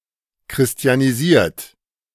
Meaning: 1. past participle of christianisieren 2. inflection of christianisieren: third-person singular present 3. inflection of christianisieren: second-person plural present
- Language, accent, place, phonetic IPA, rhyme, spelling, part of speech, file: German, Germany, Berlin, [kʁɪsti̯aniˈziːɐ̯t], -iːɐ̯t, christianisiert, verb, De-christianisiert.ogg